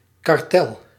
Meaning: 1. cartel 2. political cartel 3. agreement, particularly concerning the release of prisoners
- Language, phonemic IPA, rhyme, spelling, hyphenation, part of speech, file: Dutch, /kɑrˈtɛl/, -ɛl, kartel, kar‧tel, noun, Nl-kartel.ogg